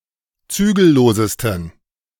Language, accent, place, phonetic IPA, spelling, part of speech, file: German, Germany, Berlin, [ˈt͡syːɡl̩ˌloːzəstn̩], zügellosesten, adjective, De-zügellosesten.ogg
- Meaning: 1. superlative degree of zügellos 2. inflection of zügellos: strong genitive masculine/neuter singular superlative degree